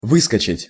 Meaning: 1. to jump out, to leap out 2. to appear, to come up (of a sore, pimple, etc.) 3. to drop out, to fall out
- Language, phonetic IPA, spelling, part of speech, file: Russian, [ˈvɨskət͡ɕɪtʲ], выскочить, verb, Ru-выскочить.ogg